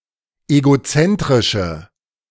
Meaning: inflection of egozentrisch: 1. strong/mixed nominative/accusative feminine singular 2. strong nominative/accusative plural 3. weak nominative all-gender singular
- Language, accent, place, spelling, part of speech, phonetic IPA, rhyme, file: German, Germany, Berlin, egozentrische, adjective, [eɡoˈt͡sɛntʁɪʃə], -ɛntʁɪʃə, De-egozentrische.ogg